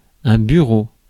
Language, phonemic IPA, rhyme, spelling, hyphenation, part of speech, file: French, /by.ʁo/, -o, bureau, bu‧reau, noun, Fr-bureau.ogg
- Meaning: 1. desk 2. office (room) 3. ticket office 4. the staff of an office 5. office; an administrative unit 6. frieze (coarse woolen cloth) 7. desktop (on-screen background)